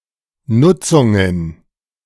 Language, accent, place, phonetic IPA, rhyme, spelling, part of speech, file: German, Germany, Berlin, [ˈnʊt͡sʊŋən], -ʊt͡sʊŋən, Nutzungen, noun, De-Nutzungen.ogg
- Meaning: plural of Nutzung